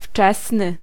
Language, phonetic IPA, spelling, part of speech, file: Polish, [ˈft͡ʃɛsnɨ], wczesny, adjective, Pl-wczesny.ogg